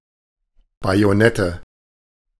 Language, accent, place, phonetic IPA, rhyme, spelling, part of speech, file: German, Germany, Berlin, [ˌbajoˈnɛtə], -ɛtə, Bajonette, noun, De-Bajonette.ogg
- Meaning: nominative/accusative/genitive plural of Bajonett